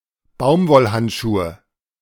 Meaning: nominative/accusative/genitive plural of Baumwollhandschuh
- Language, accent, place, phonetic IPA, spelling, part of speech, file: German, Germany, Berlin, [ˈbaʊ̯mvɔlˌhantʃuːə], Baumwollhandschuhe, noun, De-Baumwollhandschuhe.ogg